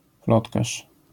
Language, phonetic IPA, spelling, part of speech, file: Polish, [ˈplɔtkaʃ], plotkarz, noun, LL-Q809 (pol)-plotkarz.wav